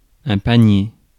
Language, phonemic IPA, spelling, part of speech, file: French, /pa.nje/, panier, noun, Fr-panier.ogg
- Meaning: 1. basket 2. goal 3. hoop 4. shopping basket